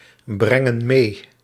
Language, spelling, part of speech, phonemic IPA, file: Dutch, brengen mee, verb, /ˈbrɛŋə(n) ˈme/, Nl-brengen mee.ogg
- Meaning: inflection of meebrengen: 1. plural present indicative 2. plural present subjunctive